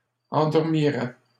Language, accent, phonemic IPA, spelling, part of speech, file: French, Canada, /ɑ̃.dɔʁ.mi.ʁɛ/, endormirais, verb, LL-Q150 (fra)-endormirais.wav
- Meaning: first/second-person singular conditional of endormir